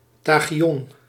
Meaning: tachyon
- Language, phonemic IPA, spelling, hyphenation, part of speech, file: Dutch, /ˈtɑ.xiˌɔn/, tachyon, ta‧chy‧on, noun, Nl-tachyon.ogg